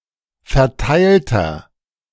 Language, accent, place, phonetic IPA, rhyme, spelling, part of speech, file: German, Germany, Berlin, [fɛɐ̯ˈtaɪ̯ltɐ], -aɪ̯ltɐ, verteilter, adjective, De-verteilter.ogg
- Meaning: inflection of verteilt: 1. strong/mixed nominative masculine singular 2. strong genitive/dative feminine singular 3. strong genitive plural